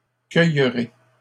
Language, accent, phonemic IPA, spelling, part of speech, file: French, Canada, /kœj.ʁe/, cueillerai, verb, LL-Q150 (fra)-cueillerai.wav
- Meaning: first-person singular future of cueillir